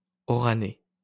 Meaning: of Oran; Oranese
- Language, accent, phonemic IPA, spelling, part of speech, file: French, France, /ɔ.ʁa.nɛ/, oranais, adjective, LL-Q150 (fra)-oranais.wav